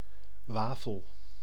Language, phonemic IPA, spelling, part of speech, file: Dutch, /ˈʋaːfəl/, wafel, noun, Nl-wafel.ogg
- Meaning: 1. waffle 2. wafer